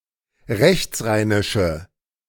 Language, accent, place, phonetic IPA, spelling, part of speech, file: German, Germany, Berlin, [ˈʁɛçt͡sˌʁaɪ̯nɪʃə], rechtsrheinische, adjective, De-rechtsrheinische.ogg
- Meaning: inflection of rechtsrheinisch: 1. strong/mixed nominative/accusative feminine singular 2. strong nominative/accusative plural 3. weak nominative all-gender singular